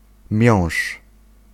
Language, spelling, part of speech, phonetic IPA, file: Polish, miąższ, noun, [mʲjɔ̃w̃ʃ], Pl-miąższ.ogg